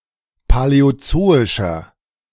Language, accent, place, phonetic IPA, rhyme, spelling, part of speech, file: German, Germany, Berlin, [palɛoˈt͡soːɪʃɐ], -oːɪʃɐ, paläozoischer, adjective, De-paläozoischer.ogg
- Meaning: inflection of paläozoisch: 1. strong/mixed nominative masculine singular 2. strong genitive/dative feminine singular 3. strong genitive plural